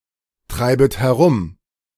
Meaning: second-person plural subjunctive I of herumtreiben
- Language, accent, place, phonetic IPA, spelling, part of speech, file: German, Germany, Berlin, [ˌtʁaɪ̯bət hɛˈʁʊm], treibet herum, verb, De-treibet herum.ogg